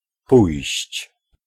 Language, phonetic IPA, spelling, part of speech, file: Polish, [pujɕt͡ɕ], pójść, verb, Pl-pójść.ogg